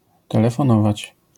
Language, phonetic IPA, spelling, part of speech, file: Polish, [ˌtɛlɛfɔ̃ˈnɔvat͡ɕ], telefonować, verb, LL-Q809 (pol)-telefonować.wav